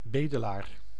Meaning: 1. a beggar, a mendicant, who requests alms or handouts 2. a pauper, one who can't properly provide in his/her own/family's needs
- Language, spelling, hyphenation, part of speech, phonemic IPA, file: Dutch, bedelaar, be‧de‧laar, noun, /ˈbeː.dəˌlaːr/, Nl-bedelaar.ogg